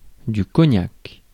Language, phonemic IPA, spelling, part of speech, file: French, /kɔ.ɲak/, cognac, noun, Fr-cognac.ogg
- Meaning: cognac